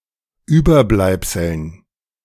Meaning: dative plural of Überbleibsel
- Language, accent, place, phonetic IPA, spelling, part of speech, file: German, Germany, Berlin, [ˈyːbɐˌblaɪ̯psl̩n], Überbleibseln, noun, De-Überbleibseln.ogg